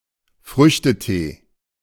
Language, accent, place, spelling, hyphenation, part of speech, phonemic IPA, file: German, Germany, Berlin, Früchtetee, Früch‧te‧tee, noun, /ˈfʁʏçtəˌteː/, De-Früchtetee.ogg
- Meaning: fruit tea